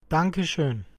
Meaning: thank you very much
- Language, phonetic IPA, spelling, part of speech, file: German, [ˈdaŋkə ʃøːn], danke schön, interjection, De-danke schön.ogg